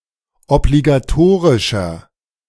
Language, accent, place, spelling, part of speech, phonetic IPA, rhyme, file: German, Germany, Berlin, obligatorischer, adjective, [ɔbliɡaˈtoːʁɪʃɐ], -oːʁɪʃɐ, De-obligatorischer.ogg
- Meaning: inflection of obligatorisch: 1. strong/mixed nominative masculine singular 2. strong genitive/dative feminine singular 3. strong genitive plural